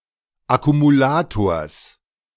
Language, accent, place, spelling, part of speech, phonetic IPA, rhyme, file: German, Germany, Berlin, Akkumulators, noun, [akumuˈlaːtoːɐ̯s], -aːtoːɐ̯s, De-Akkumulators.ogg
- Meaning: genitive singular of Akkumulator